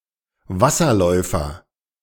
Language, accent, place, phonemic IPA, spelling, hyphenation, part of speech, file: German, Germany, Berlin, /ˈvasɐˌlɔɪ̯fɐ/, Wasserläufer, Was‧ser‧läu‧fer, noun, De-Wasserläufer.ogg
- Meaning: 1. sandpiper (any of various wading birds, especially in the genus Tringa) 2. water strider (any of various pleustonic predatory insects of the family Gerridae)